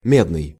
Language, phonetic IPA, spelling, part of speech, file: Russian, [ˈmʲednɨj], медный, adjective, Ru-медный.ogg
- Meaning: 1. copper; cupric, cuprous, cupreous 2. copper colored, reddish-yellow